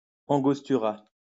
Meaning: angostura
- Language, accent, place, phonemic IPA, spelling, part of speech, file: French, France, Lyon, /ɑ̃.ɡɔs.ty.ʁa/, angostura, noun, LL-Q150 (fra)-angostura.wav